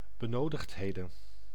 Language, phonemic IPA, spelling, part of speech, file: Dutch, /bəˈnodəxtˌhedə(n)/, benodigdheden, noun, Nl-benodigdheden.ogg
- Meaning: plural of benodigdheid